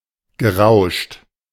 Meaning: past participle of rauschen
- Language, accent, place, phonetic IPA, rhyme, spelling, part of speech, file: German, Germany, Berlin, [ɡəˈʁaʊ̯ʃt], -aʊ̯ʃt, gerauscht, verb, De-gerauscht.ogg